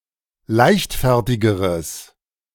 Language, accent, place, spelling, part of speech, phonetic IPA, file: German, Germany, Berlin, leichtfertigeres, adjective, [ˈlaɪ̯çtˌfɛʁtɪɡəʁəs], De-leichtfertigeres.ogg
- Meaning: strong/mixed nominative/accusative neuter singular comparative degree of leichtfertig